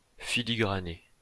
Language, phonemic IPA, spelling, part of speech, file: French, /fi.li.ɡʁa.ne/, filigrané, verb, LL-Q150 (fra)-filigrané.wav
- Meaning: past participle of filigraner